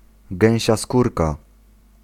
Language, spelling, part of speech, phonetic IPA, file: Polish, gęsia skórka, noun, [ˈɡɛ̃w̃ɕa ˈskurka], Pl-gęsia skórka.ogg